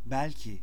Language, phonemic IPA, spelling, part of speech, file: Turkish, /bɛlˈci/, belki, adverb, Tr-belki.ogg
- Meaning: maybe, possibly, probably